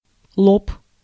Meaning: 1. forehead 2. an adult person
- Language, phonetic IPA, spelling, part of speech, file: Russian, [ɫop], лоб, noun, Ru-лоб.ogg